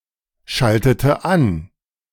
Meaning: inflection of anschalten: 1. first/third-person singular preterite 2. first/third-person singular subjunctive II
- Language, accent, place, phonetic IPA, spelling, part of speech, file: German, Germany, Berlin, [ˌʃaltətə ˈan], schaltete an, verb, De-schaltete an.ogg